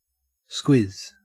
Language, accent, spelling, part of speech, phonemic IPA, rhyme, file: English, Australia, squizz, noun / verb, /skwɪz/, -ɪz, En-au-squizz.ogg
- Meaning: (noun) A look; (verb) To look, to examine